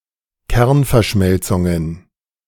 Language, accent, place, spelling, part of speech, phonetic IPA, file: German, Germany, Berlin, Kernverschmelzungen, noun, [ˈkɛʁnfɛɐ̯ˌʃmɛlt͡sʊŋən], De-Kernverschmelzungen.ogg
- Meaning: genitive singular of Kernverschmelzung